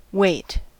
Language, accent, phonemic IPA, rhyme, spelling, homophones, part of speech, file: English, US, /weɪt/, -eɪt, weight, wait, noun / verb, En-us-weight.ogg
- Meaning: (noun) 1. The downwards force an object experiences due to gravity 2. An object used to make something heavier 3. A standardized block of metal used in a balance to measure the mass of another object